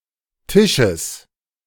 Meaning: genitive singular of Tisch
- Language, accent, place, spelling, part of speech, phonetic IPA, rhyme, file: German, Germany, Berlin, Tisches, noun, [ˈtɪʃəs], -ɪʃəs, De-Tisches.ogg